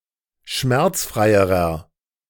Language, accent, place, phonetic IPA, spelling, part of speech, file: German, Germany, Berlin, [ˈʃmɛʁt͡sˌfʁaɪ̯əʁɐ], schmerzfreierer, adjective, De-schmerzfreierer.ogg
- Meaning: inflection of schmerzfrei: 1. strong/mixed nominative masculine singular comparative degree 2. strong genitive/dative feminine singular comparative degree 3. strong genitive plural comparative degree